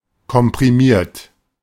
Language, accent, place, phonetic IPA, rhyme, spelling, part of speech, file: German, Germany, Berlin, [kɔmpʁiˈmiːɐ̯t], -iːɐ̯t, komprimiert, verb, De-komprimiert.ogg
- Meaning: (verb) past participle of komprimieren; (adjective) 1. compressed 2. packed; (verb) inflection of komprimieren: 1. third-person singular present 2. second-person plural present 3. plural imperative